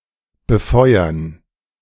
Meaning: 1. to fuel 2. to fire upon 3. to be lighted (for navigation)
- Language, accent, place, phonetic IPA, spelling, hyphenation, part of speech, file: German, Germany, Berlin, [bəˈfɔɪ̯ɐn], befeuern, be‧feu‧ern, verb, De-befeuern.ogg